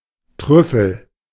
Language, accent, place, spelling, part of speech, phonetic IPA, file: German, Germany, Berlin, Trüffel, noun, [ˈtʁʏfl̩], De-Trüffel.ogg
- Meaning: truffle